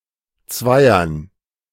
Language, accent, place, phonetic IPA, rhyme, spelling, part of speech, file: German, Germany, Berlin, [ˈt͡svaɪ̯ɐn], -aɪ̯ɐn, Zweiern, noun, De-Zweiern.ogg
- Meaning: dative plural of Zweier